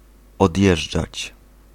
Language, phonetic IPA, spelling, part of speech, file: Polish, [ɔdʲˈjɛʒd͡ʒat͡ɕ], odjeżdżać, verb, Pl-odjeżdżać.ogg